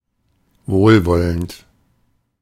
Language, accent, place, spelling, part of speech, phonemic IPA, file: German, Germany, Berlin, wohlwollend, adjective, /ˈvoːlˌvɔlənt/, De-wohlwollend.ogg
- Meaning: benevolent, complaisant